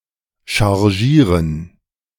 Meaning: 1. to overact 2. to feed, to load
- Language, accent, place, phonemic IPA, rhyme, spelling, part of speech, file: German, Germany, Berlin, /ʃaʁˈʒiːʁən/, -iːʁən, chargieren, verb, De-chargieren.ogg